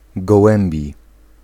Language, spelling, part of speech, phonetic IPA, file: Polish, gołębi, adjective / noun, [ɡɔˈwɛ̃mbʲi], Pl-gołębi.ogg